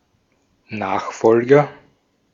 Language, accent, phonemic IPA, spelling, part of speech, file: German, Austria, /ˈnaːxˌfɔlɡɐ/, Nachfolger, noun, De-at-Nachfolger.ogg
- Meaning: successor